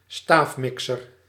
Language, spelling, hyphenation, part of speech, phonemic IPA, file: Dutch, staafmixer, staaf‧mi‧xer, noun, /ˈstaːfˌmɪk.sər/, Nl-staafmixer.ogg
- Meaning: immersion blender